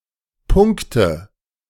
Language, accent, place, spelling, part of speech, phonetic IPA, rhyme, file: German, Germany, Berlin, punkte, verb, [ˈpʊŋktə], -ʊŋktə, De-punkte.ogg
- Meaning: inflection of punkten: 1. first-person singular present 2. singular imperative 3. first/third-person singular subjunctive I